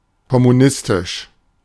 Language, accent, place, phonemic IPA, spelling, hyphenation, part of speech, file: German, Germany, Berlin, /kɔmuˈnɪstɪʃ/, kommunistisch, kom‧mu‧nis‧tisch, adjective, De-kommunistisch.ogg
- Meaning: communist, communistic